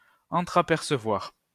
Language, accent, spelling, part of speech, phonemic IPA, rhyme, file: French, France, entrapercevoir, verb, /ɑ̃.tʁa.pɛʁ.sə.vwaʁ/, -waʁ, LL-Q150 (fra)-entrapercevoir.wav
- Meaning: to glimpse; to catch a glimpse (of)